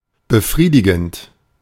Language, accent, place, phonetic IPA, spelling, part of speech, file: German, Germany, Berlin, [bəˈfʁiːdɪɡn̩t], befriedigend, adjective / verb, De-befriedigend.ogg
- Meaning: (verb) present participle of befriedigen; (adjective) 1. satisfying 2. the number grade 3 (on a scale from 1 to 6)